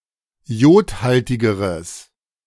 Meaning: strong/mixed nominative/accusative neuter singular comparative degree of iodhaltig
- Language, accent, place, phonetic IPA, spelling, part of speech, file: German, Germany, Berlin, [ˈi̯oːtˌhaltɪɡəʁəs], iodhaltigeres, adjective, De-iodhaltigeres.ogg